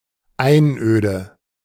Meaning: deserted, remote, isolated land; wasteland
- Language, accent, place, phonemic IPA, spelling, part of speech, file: German, Germany, Berlin, /ˈaɪ̯nˌ(ʔ)øːdə/, Einöde, noun, De-Einöde.ogg